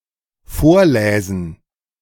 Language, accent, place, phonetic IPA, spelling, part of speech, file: German, Germany, Berlin, [ˈfoːɐ̯ˌlɛːzn̩], vorläsen, verb, De-vorläsen.ogg
- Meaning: first/third-person plural dependent subjunctive II of vorlesen